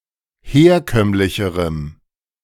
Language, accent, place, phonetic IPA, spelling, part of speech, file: German, Germany, Berlin, [ˈheːɐ̯ˌkœmlɪçəʁəm], herkömmlicherem, adjective, De-herkömmlicherem.ogg
- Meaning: strong dative masculine/neuter singular comparative degree of herkömmlich